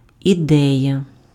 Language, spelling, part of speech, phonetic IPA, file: Ukrainian, ідея, noun, [iˈdɛjɐ], Uk-ідея.ogg
- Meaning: idea, notion, concept